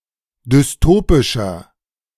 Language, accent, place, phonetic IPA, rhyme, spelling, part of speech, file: German, Germany, Berlin, [dʏsˈtoːpɪʃɐ], -oːpɪʃɐ, dystopischer, adjective, De-dystopischer.ogg
- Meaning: inflection of dystopisch: 1. strong/mixed nominative masculine singular 2. strong genitive/dative feminine singular 3. strong genitive plural